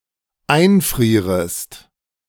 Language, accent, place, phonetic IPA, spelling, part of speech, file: German, Germany, Berlin, [ˈaɪ̯nˌfʁiːʁəst], einfrierest, verb, De-einfrierest.ogg
- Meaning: second-person singular dependent subjunctive I of einfrieren